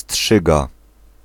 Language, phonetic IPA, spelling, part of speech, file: Polish, [ˈsṭʃɨɡa], strzyga, noun, Pl-strzyga.ogg